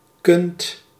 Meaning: inflection of kunnen: 1. second-person singular present indicative 2. plural imperative
- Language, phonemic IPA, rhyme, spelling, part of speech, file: Dutch, /kʏnt/, -ʏnt, kunt, verb, Nl-kunt.ogg